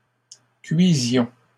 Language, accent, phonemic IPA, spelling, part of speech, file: French, Canada, /kɥi.zjɔ̃/, cuisions, verb, LL-Q150 (fra)-cuisions.wav
- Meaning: inflection of cuire: 1. first-person plural imperfect indicative 2. first-person plural present subjunctive